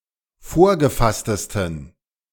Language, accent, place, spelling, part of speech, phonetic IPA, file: German, Germany, Berlin, vorgefasstesten, adjective, [ˈfoːɐ̯ɡəˌfastəstn̩], De-vorgefasstesten.ogg
- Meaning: 1. superlative degree of vorgefasst 2. inflection of vorgefasst: strong genitive masculine/neuter singular superlative degree